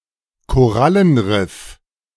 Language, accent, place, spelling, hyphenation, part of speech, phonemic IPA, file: German, Germany, Berlin, Korallenriff, Ko‧ral‧len‧riff, noun, /koˈralənˌrɪf/, De-Korallenriff.ogg
- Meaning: coral reef